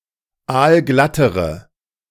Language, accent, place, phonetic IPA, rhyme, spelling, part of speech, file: German, Germany, Berlin, [ˈaːlˈɡlatəʁə], -atəʁə, aalglattere, adjective, De-aalglattere.ogg
- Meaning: inflection of aalglatt: 1. strong/mixed nominative/accusative feminine singular comparative degree 2. strong nominative/accusative plural comparative degree